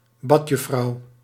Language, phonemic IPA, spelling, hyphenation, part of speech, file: Dutch, /ˈbɑt.jʏˌfrɑu̯/, badjuffrouw, bad‧juf‧frouw, noun, Nl-badjuffrouw.ogg
- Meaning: female pool lifeguard, often also serving as a swimming instructor